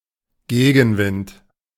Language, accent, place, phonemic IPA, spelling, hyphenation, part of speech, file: German, Germany, Berlin, /ˈɡeːɡn̩ˌvɪnt/, Gegenwind, Ge‧gen‧wind, noun, De-Gegenwind.ogg
- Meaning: headwind